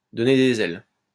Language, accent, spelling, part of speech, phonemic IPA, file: French, France, donner des ailes, verb, /dɔ.ne de.z‿ɛl/, LL-Q150 (fra)-donner des ailes.wav
- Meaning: to give someone wings, to inspire someone, to enable someone to do great things